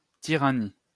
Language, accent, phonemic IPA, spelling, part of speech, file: French, France, /ti.ʁa.ni/, tyrannie, noun, LL-Q150 (fra)-tyrannie.wav
- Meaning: tyranny